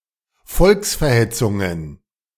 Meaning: plural of Volksverhetzung
- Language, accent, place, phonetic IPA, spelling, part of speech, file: German, Germany, Berlin, [ˈfɔlksfɛɐ̯ˌhɛt͡sʊŋən], Volksverhetzungen, noun, De-Volksverhetzungen.ogg